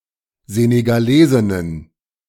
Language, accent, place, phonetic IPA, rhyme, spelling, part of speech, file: German, Germany, Berlin, [zeneɡaˈleːzɪnən], -eːzɪnən, Senegalesinnen, noun, De-Senegalesinnen.ogg
- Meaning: plural of Senegalesin